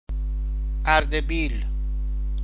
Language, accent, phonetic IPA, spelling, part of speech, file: Persian, Iran, [ʔæɹ.d̪e.biːl̥], اردبیل, proper noun, Fa-اردبیل.ogg
- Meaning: 1. Ardabil (a city in Iran, the seat of Ardabil County's Central District and the capital of Ardabil Province) 2. Ardabil (a county of Iran, around the city) 3. Ardabil (a province of Iran)